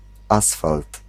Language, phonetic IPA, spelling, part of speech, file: Polish, [ˈasfalt], asfalt, noun, Pl-asfalt.ogg